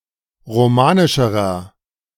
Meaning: inflection of romanisch: 1. strong/mixed nominative masculine singular comparative degree 2. strong genitive/dative feminine singular comparative degree 3. strong genitive plural comparative degree
- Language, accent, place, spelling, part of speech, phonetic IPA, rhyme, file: German, Germany, Berlin, romanischerer, adjective, [ʁoˈmaːnɪʃəʁɐ], -aːnɪʃəʁɐ, De-romanischerer.ogg